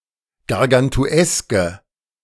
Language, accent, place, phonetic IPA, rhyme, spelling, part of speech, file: German, Germany, Berlin, [ɡaʁɡantuˈɛskə], -ɛskə, gargantueske, adjective, De-gargantueske.ogg
- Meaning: inflection of gargantuesk: 1. strong/mixed nominative/accusative feminine singular 2. strong nominative/accusative plural 3. weak nominative all-gender singular